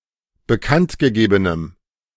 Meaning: strong dative masculine/neuter singular of bekanntgegeben
- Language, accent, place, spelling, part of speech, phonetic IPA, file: German, Germany, Berlin, bekanntgegebenem, adjective, [bəˈkantɡəˌɡeːbənəm], De-bekanntgegebenem.ogg